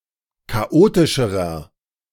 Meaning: inflection of chaotisch: 1. strong/mixed nominative masculine singular comparative degree 2. strong genitive/dative feminine singular comparative degree 3. strong genitive plural comparative degree
- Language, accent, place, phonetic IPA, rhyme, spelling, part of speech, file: German, Germany, Berlin, [kaˈʔoːtɪʃəʁɐ], -oːtɪʃəʁɐ, chaotischerer, adjective, De-chaotischerer.ogg